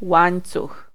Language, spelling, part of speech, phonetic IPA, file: Polish, łańcuch, noun, [ˈwãj̃nt͡sux], Pl-łańcuch.ogg